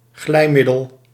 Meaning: a lubricant (for mechanical parts or for sexual intercourse)
- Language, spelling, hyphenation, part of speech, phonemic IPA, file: Dutch, glijmiddel, glij‧mid‧del, noun, /ˈɣlɛi̯ˌmɪ.dəl/, Nl-glijmiddel.ogg